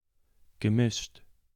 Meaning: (verb) past participle of mischen; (adjective) 1. mixed, blended 2. hybrid 3. assorted 4. composite
- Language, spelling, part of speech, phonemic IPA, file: German, gemischt, verb / adjective, /ɡəˈmɪʃt/, De-gemischt.ogg